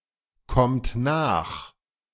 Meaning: inflection of nachkommen: 1. third-person singular present 2. second-person plural present 3. plural imperative
- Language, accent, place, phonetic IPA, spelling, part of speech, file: German, Germany, Berlin, [ˌkɔmt ˈnaːx], kommt nach, verb, De-kommt nach.ogg